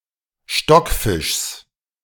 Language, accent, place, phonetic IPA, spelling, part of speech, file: German, Germany, Berlin, [ˈʃtɔkˌfɪʃs], Stockfischs, noun, De-Stockfischs.ogg
- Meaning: genitive of Stockfisch